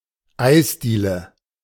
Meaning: ice cream parlor (shop or café selling ice cream)
- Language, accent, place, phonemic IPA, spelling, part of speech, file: German, Germany, Berlin, /ˈaɪ̯sˌdiːlə/, Eisdiele, noun, De-Eisdiele.ogg